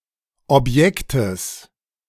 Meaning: genitive singular of Objekt
- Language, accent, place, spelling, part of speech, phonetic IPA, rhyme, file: German, Germany, Berlin, Objektes, noun, [ɔpˈjɛktəs], -ɛktəs, De-Objektes.ogg